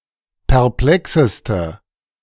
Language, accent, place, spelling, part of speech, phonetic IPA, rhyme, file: German, Germany, Berlin, perplexeste, adjective, [pɛʁˈplɛksəstə], -ɛksəstə, De-perplexeste.ogg
- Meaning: inflection of perplex: 1. strong/mixed nominative/accusative feminine singular superlative degree 2. strong nominative/accusative plural superlative degree